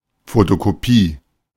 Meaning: photocopy
- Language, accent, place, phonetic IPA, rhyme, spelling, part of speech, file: German, Germany, Berlin, [fotokoˈpiː], -iː, Fotokopie, noun, De-Fotokopie.ogg